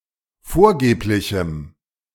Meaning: strong dative masculine/neuter singular of vorgeblich
- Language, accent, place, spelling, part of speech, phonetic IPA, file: German, Germany, Berlin, vorgeblichem, adjective, [ˈfoːɐ̯ˌɡeːplɪçm̩], De-vorgeblichem.ogg